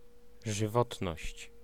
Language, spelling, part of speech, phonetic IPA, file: Polish, żywotność, noun, [ʒɨˈvɔtnɔɕt͡ɕ], Pl-żywotność.ogg